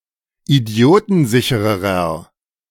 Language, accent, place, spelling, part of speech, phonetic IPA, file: German, Germany, Berlin, idiotensichererer, adjective, [iˈdi̯oːtn̩ˌzɪçəʁəʁɐ], De-idiotensichererer.ogg
- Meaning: inflection of idiotensicher: 1. strong/mixed nominative masculine singular comparative degree 2. strong genitive/dative feminine singular comparative degree